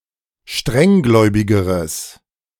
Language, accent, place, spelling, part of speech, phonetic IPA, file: German, Germany, Berlin, strenggläubigeres, adjective, [ˈʃtʁɛŋˌɡlɔɪ̯bɪɡəʁəs], De-strenggläubigeres.ogg
- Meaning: strong/mixed nominative/accusative neuter singular comparative degree of strenggläubig